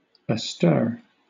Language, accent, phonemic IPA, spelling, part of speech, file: English, Southern England, /əˈstɜː/, astir, adjective, LL-Q1860 (eng)-astir.wav
- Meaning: 1. In motion; characterized by motion 2. Out of bed; up and about